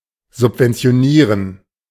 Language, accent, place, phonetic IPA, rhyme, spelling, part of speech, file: German, Germany, Berlin, [zʊpvɛnt͡si̯oˈniːʁən], -iːʁən, subventionieren, verb, De-subventionieren.ogg
- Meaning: to subsidize